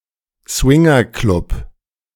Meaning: swingers' club
- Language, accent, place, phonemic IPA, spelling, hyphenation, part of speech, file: German, Germany, Berlin, /ˈsvɪŋɐˌklʊp/, Swingerclub, Swin‧ger‧club, noun, De-Swingerclub.ogg